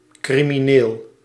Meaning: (adjective) 1. criminal, contrary to enforceable legal rules 2. terrible, excessive (generally in a bad sense); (noun) criminal (person guilty of breaking the law)
- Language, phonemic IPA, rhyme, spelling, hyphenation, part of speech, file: Dutch, /ˌkri.miˈneːl/, -eːl, crimineel, cri‧mi‧neel, adjective / noun, Nl-crimineel.ogg